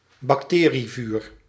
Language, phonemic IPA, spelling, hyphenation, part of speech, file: Dutch, /bɑkˈteː.riˌvyːr/, bacterievuur, bac‧te‧rie‧vuur, noun, Nl-bacterievuur.ogg
- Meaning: fire blight (plant disease caused by Erwinia amylovora)